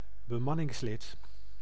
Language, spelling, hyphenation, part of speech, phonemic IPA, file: Dutch, bemanningslid, be‧man‧nings‧lid, noun, /bəˈmɑ.nɪŋsˌlɪt/, Nl-bemanningslid.ogg
- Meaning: crew member, member of a crew